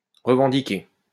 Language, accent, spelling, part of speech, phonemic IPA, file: French, France, revendiquer, verb, /ʁə.vɑ̃.di.ke/, LL-Q150 (fra)-revendiquer.wav
- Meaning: 1. to demand 2. to claim, to lay claim to (ownership), to stake a claim to 3. to take on, assume (responsibility)